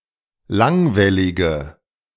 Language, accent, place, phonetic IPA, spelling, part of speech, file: German, Germany, Berlin, [ˈlaŋvɛlɪɡə], langwellige, adjective, De-langwellige.ogg
- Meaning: inflection of langwellig: 1. strong/mixed nominative/accusative feminine singular 2. strong nominative/accusative plural 3. weak nominative all-gender singular